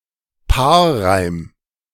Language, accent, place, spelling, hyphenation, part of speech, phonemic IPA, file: German, Germany, Berlin, Paarreim, Paar‧reim, noun, /ˈpaːɐ̯ˌʁaɪ̯m/, De-Paarreim.ogg
- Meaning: couplet